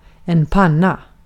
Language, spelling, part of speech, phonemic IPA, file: Swedish, panna, noun, /²panːa/, Sv-panna.ogg
- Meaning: 1. forehead, brow 2. a pan (cooking vessel) 3. a boiler (appliance in a central heating system used to obtain the heat energy, which is later distributed throughout the building)